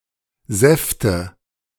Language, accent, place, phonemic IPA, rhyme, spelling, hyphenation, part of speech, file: German, Germany, Berlin, /ˈzɛftə/, -ɛftə, Säfte, Säf‧te, noun, De-Säfte2.ogg
- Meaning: nominative/accusative/genitive plural of Saft "juices"